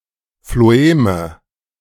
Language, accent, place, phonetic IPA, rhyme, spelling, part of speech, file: German, Germany, Berlin, [floˈeːmə], -eːmə, Phloeme, noun, De-Phloeme.ogg
- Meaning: nominative/accusative/genitive plural of Phloem